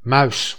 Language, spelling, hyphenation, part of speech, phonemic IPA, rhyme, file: Dutch, muis, muis, noun, /mœy̯s/, -œy̯s, Nl-muis.ogg
- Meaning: 1. mouse (rodent) 2. mouse (an input device to operate a computer by steering a cursor and clicking) 3. ball of the thumb